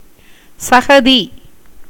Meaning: 1. mud, mire, slush 2. bog, puddle
- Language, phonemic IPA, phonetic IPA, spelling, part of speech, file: Tamil, /tʃɐɡɐd̪iː/, [sɐɡɐd̪iː], சகதி, noun, Ta-சகதி.ogg